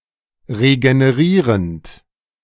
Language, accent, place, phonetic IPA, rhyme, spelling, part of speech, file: German, Germany, Berlin, [ʁeɡəneˈʁiːʁənt], -iːʁənt, regenerierend, verb, De-regenerierend.ogg
- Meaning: present participle of regenerieren